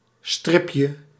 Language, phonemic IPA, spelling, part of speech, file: Dutch, /ˈstrɪpjə/, stripje, noun, Nl-stripje.ogg
- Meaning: diminutive of strip